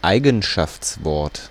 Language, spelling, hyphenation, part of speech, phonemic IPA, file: German, Eigenschaftswort, Ei‧gen‧schafts‧wort, noun, /ˈaɪ̯ɡn̩ʃaft͡sˌvɔʁt/, De-Eigenschaftswort.ogg
- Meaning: adjective